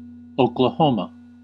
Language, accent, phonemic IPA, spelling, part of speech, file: English, US, /ˌoʊk.ləˈhoʊ.mə/, Oklahoma, proper noun, En-us-Oklahoma.ogg
- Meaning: 1. A state in the central United States, formerly a territory. Capital: Oklahoma City 2. A former territory (1890–1907) of the United States, encompassing the western half of the modern state